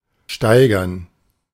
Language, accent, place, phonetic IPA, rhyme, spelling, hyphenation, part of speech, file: German, Germany, Berlin, [ˈʃtaɪ̯.ɡɐn], -aɪ̯ɡɐn, steigern, stei‧gern, verb, De-steigern.ogg
- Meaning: 1. to increase, to raise 2. to boost, to improve, to enhance 3. to compare